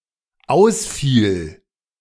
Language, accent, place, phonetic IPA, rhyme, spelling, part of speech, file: German, Germany, Berlin, [ˈaʊ̯sˌfiːl], -aʊ̯sfiːl, ausfiel, verb, De-ausfiel.ogg
- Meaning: first/third-person singular dependent preterite of ausfallen